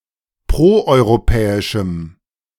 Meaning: strong dative masculine/neuter singular of proeuropäisch
- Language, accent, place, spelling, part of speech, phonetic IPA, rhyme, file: German, Germany, Berlin, proeuropäischem, adjective, [ˌpʁoʔɔɪ̯ʁoˈpɛːɪʃm̩], -ɛːɪʃm̩, De-proeuropäischem.ogg